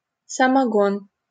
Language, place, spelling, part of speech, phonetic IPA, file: Russian, Saint Petersburg, самогон, noun, [səmɐˈɡon], LL-Q7737 (rus)-самогон.wav
- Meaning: 1. homebrew, samogon, moonshine 2. any home-made distilled alcoholic beverage